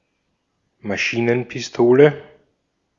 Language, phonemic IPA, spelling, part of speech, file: German, /maˈʃiːnənpɪsˌtoːlə/, Maschinenpistole, noun, De-at-Maschinenpistole.ogg
- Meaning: submachine gun